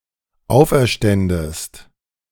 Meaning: second-person singular dependent subjunctive II of auferstehen
- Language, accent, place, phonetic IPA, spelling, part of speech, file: German, Germany, Berlin, [ˈaʊ̯fʔɛɐ̯ˌʃtɛndəst], auferständest, verb, De-auferständest.ogg